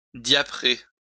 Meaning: to variegate, diaper; to iridize
- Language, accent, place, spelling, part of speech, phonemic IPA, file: French, France, Lyon, diaprer, verb, /dja.pʁe/, LL-Q150 (fra)-diaprer.wav